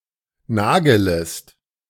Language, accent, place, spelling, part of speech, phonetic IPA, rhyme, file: German, Germany, Berlin, nagelest, verb, [ˈnaːɡələst], -aːɡələst, De-nagelest.ogg
- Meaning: second-person singular subjunctive I of nageln